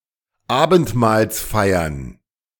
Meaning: plural of Abendmahlsfeier
- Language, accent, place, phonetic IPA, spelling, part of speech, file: German, Germany, Berlin, [ˈaːbn̩tmaːlsˌfaɪ̯ɐn], Abendmahlsfeiern, noun, De-Abendmahlsfeiern.ogg